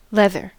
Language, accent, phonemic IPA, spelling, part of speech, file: English, US, /ˈlɛðɚ/, leather, noun / adjective / verb, En-us-leather.ogg
- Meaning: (noun) A tough material produced from the skin of animals, by tanning or similar process, used e.g. for clothing; often denotes leather from cattle when no qualifier specifies otherwise